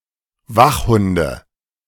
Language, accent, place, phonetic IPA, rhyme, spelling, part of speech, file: German, Germany, Berlin, [ˈvaxˌhʊndə], -axhʊndə, Wachhunde, noun, De-Wachhunde.ogg
- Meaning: nominative/accusative/genitive plural of Wachhund